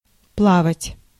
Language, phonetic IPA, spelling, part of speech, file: Russian, [ˈpɫavətʲ], плавать, verb, Ru-плавать.ogg
- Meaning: 1. to swim, to float 2. to sail